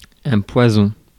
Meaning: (noun) 1. poison (literal or figurative) 2. herbicide 3. insecticide; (adjective) 1. poisonous 2. venomous
- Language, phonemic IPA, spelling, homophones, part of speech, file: French, /pwa.zɔ̃/, poison, poisons, noun / adjective, Fr-poison.ogg